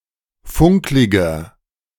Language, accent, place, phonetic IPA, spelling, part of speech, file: German, Germany, Berlin, [ˈfʊŋklɪɡɐ], funkliger, adjective, De-funkliger.ogg
- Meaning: 1. comparative degree of funklig 2. inflection of funklig: strong/mixed nominative masculine singular 3. inflection of funklig: strong genitive/dative feminine singular